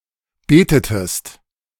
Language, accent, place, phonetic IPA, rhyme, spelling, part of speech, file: German, Germany, Berlin, [ˈbeːtətəst], -eːtətəst, betetest, verb, De-betetest.ogg
- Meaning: inflection of beten: 1. second-person singular preterite 2. second-person singular subjunctive II